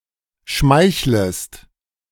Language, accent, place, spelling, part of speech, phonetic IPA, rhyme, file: German, Germany, Berlin, schmeichlest, verb, [ˈʃmaɪ̯çləst], -aɪ̯çləst, De-schmeichlest.ogg
- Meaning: second-person singular subjunctive I of schmeicheln